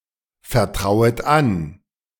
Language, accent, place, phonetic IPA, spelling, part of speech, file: German, Germany, Berlin, [fɛɐ̯ˌtʁaʊ̯ət ˈan], vertrauet an, verb, De-vertrauet an.ogg
- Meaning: second-person plural subjunctive I of anvertrauen